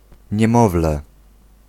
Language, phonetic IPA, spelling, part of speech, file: Polish, [ɲɛ̃ˈmɔvlɛ], niemowlę, noun, Pl-niemowlę.ogg